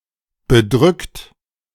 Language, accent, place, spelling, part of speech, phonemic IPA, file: German, Germany, Berlin, bedrückt, verb / adjective, /bəˈdʁʏkt/, De-bedrückt.ogg
- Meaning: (verb) past participle of bedrücken; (adjective) gloomy, depressed; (verb) inflection of bedrücken: 1. second-person plural present 2. third-person singular present 3. plural imperative